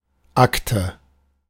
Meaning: 1. file (collection of papers) 2. nominative/accusative/genitive plural of Akt
- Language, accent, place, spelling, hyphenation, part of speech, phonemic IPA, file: German, Germany, Berlin, Akte, Ak‧te, noun, /ˈaktə/, De-Akte.ogg